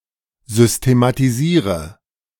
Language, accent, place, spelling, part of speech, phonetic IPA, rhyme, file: German, Germany, Berlin, systematisiere, verb, [ˌzʏstematiˈziːʁə], -iːʁə, De-systematisiere.ogg
- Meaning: inflection of systematisieren: 1. first-person singular present 2. first/third-person singular subjunctive I 3. singular imperative